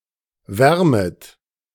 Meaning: second-person plural subjunctive I of wärmen
- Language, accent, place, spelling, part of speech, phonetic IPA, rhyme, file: German, Germany, Berlin, wärmet, verb, [ˈvɛʁmət], -ɛʁmət, De-wärmet.ogg